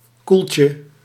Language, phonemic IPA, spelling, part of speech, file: Dutch, /ˈkulcə/, koeltje, noun, Nl-koeltje.ogg
- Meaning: diminutive of koelte